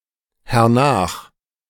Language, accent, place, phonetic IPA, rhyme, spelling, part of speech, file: German, Germany, Berlin, [hɛʁˈnaːx], -aːx, hernach, adverb, De-hernach.ogg
- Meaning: afterwards